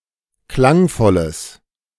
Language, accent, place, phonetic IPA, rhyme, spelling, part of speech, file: German, Germany, Berlin, [ˈklaŋˌfɔləs], -aŋfɔləs, klangvolles, adjective, De-klangvolles.ogg
- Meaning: strong/mixed nominative/accusative neuter singular of klangvoll